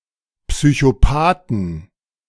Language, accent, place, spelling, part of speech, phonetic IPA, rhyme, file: German, Germany, Berlin, Psychopathen, noun, [psyçoˈpaːtn̩], -aːtn̩, De-Psychopathen.ogg
- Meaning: plural of Psychopath